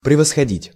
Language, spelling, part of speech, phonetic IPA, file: Russian, превосходить, verb, [prʲɪvəsxɐˈdʲitʲ], Ru-превосходить.ogg
- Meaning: 1. to excel, to surpass 2. to surpass, to exceed